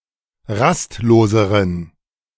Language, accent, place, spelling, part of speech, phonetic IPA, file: German, Germany, Berlin, rastloseren, adjective, [ˈʁastˌloːzəʁən], De-rastloseren.ogg
- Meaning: inflection of rastlos: 1. strong genitive masculine/neuter singular comparative degree 2. weak/mixed genitive/dative all-gender singular comparative degree